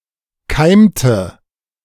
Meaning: inflection of keimen: 1. first/third-person singular preterite 2. first/third-person singular subjunctive II
- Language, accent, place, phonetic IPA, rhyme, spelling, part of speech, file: German, Germany, Berlin, [ˈkaɪ̯mtə], -aɪ̯mtə, keimte, verb, De-keimte.ogg